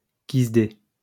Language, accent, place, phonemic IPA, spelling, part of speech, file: French, France, Lyon, /kiz.de/, kisdé, noun, LL-Q150 (fra)-kisdé.wav
- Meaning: (plainclothes) cop